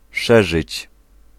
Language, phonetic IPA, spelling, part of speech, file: Polish, [ˈʃɛʒɨt͡ɕ], szerzyć, verb, Pl-szerzyć.ogg